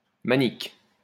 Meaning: 1. protective glove used by workers 2. oven mitt, oven glove 3. tiger paw (wrist brace used by gymnasts)
- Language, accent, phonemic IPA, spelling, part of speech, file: French, France, /ma.nik/, manique, noun, LL-Q150 (fra)-manique.wav